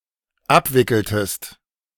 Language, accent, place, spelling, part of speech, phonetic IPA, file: German, Germany, Berlin, abwickeltest, verb, [ˈapˌvɪkl̩təst], De-abwickeltest.ogg
- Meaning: inflection of abwickeln: 1. second-person singular dependent preterite 2. second-person singular dependent subjunctive II